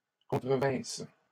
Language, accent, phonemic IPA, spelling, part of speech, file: French, Canada, /kɔ̃.tʁə.vɛ̃s/, contrevinssent, verb, LL-Q150 (fra)-contrevinssent.wav
- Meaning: third-person plural imperfect subjunctive of contrevenir